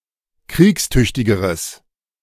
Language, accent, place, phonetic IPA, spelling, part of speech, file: German, Germany, Berlin, [ˈkʁiːksˌtʏçtɪɡəʁəs], kriegstüchtigeres, adjective, De-kriegstüchtigeres.ogg
- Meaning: strong/mixed nominative/accusative neuter singular comparative degree of kriegstüchtig